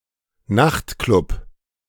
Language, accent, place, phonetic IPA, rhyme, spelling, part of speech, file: German, Germany, Berlin, [ˈnaxtˌklʊp], -axtklʊp, Nachtklub, noun, De-Nachtklub.ogg
- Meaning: nightclub